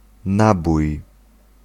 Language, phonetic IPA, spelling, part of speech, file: Polish, [ˈnabuj], nabój, noun, Pl-nabój.ogg